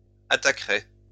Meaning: third-person plural conditional of attaquer
- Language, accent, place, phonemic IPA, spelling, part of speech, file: French, France, Lyon, /a.ta.kʁɛ/, attaqueraient, verb, LL-Q150 (fra)-attaqueraient.wav